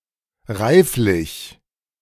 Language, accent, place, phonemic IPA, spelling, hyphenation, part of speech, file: German, Germany, Berlin, /ˈʁaɪ̯flɪç/, reiflich, reif‧lich, adjective / adverb, De-reiflich.ogg
- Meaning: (adjective) mature; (adverb) maturely